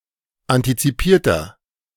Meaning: inflection of antizipiert: 1. strong/mixed nominative masculine singular 2. strong genitive/dative feminine singular 3. strong genitive plural
- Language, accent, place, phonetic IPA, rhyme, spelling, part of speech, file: German, Germany, Berlin, [ˌantit͡siˈpiːɐ̯tɐ], -iːɐ̯tɐ, antizipierter, adjective, De-antizipierter.ogg